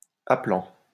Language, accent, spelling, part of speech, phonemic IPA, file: French, France, appellant, verb, /a.pə.lɑ̃/, LL-Q150 (fra)-appellant.wav
- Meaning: present participle of appeller